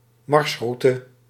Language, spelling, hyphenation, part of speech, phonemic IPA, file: Dutch, marsroute, mars‧rou‧te, noun, /ˈmɑrsˌru.tə/, Nl-marsroute.ogg
- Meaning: 1. a line of march 2. a course of action, a way forward